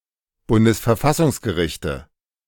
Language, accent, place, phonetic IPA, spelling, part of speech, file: German, Germany, Berlin, [ˈbʊndəsfɛɐ̯ˈfasʊŋsɡəˌʁɪçtə], Bundesverfassungsgerichte, noun, De-Bundesverfassungsgerichte.ogg
- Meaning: nominative/accusative/genitive plural of Bundesverfassungsgericht